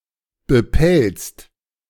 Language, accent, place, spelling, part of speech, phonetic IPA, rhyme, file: German, Germany, Berlin, bepelzt, adjective, [bəˈpɛlt͡st], -ɛlt͡st, De-bepelzt.ogg
- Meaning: furred (having or wearing fur)